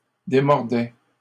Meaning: first/second-person singular imperfect indicative of démordre
- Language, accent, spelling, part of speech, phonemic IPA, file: French, Canada, démordais, verb, /de.mɔʁ.dɛ/, LL-Q150 (fra)-démordais.wav